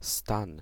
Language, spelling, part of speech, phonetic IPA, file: Polish, stan, noun, [stãn], Pl-stan.ogg